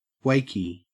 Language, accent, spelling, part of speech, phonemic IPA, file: English, Australia, wakey, noun / interjection, /ˈwæɪ.ki/, En-au-wakey.ogg
- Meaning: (noun) The day on which one wakes up and travels home; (interjection) Used to encourage someone to wake up